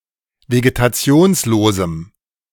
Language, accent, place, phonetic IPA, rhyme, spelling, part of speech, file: German, Germany, Berlin, [veɡetaˈt͡si̯oːnsloːzm̩], -oːnsloːzm̩, vegetationslosem, adjective, De-vegetationslosem.ogg
- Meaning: strong dative masculine/neuter singular of vegetationslos